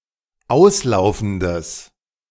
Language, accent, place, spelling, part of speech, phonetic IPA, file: German, Germany, Berlin, auslaufendes, adjective, [ˈaʊ̯sˌlaʊ̯fn̩dəs], De-auslaufendes.ogg
- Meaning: strong/mixed nominative/accusative neuter singular of auslaufend